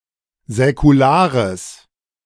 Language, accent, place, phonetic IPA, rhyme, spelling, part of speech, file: German, Germany, Berlin, [zɛkuˈlaːʁəs], -aːʁəs, säkulares, adjective, De-säkulares.ogg
- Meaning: strong/mixed nominative/accusative neuter singular of säkular